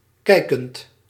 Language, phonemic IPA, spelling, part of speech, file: Dutch, /ˈkɛɪkənt/, kijkend, verb, Nl-kijkend.ogg
- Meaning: present participle of kijken